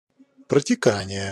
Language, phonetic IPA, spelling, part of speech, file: Russian, [prətʲɪˈkanʲɪje], протекание, noun, Ru-протекание.ogg
- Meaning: fluxion, passage, percolation, passing